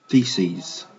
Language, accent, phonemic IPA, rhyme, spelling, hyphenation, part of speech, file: English, Received Pronunciation, /ˈθiːsiːz/, -iːsiːz, theses, the‧ses, noun, En-uk-theses.ogg
- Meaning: plural of thesis